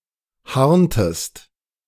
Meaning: inflection of harnen: 1. second-person singular preterite 2. second-person singular subjunctive II
- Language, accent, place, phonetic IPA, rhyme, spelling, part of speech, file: German, Germany, Berlin, [ˈhaʁntəst], -aʁntəst, harntest, verb, De-harntest.ogg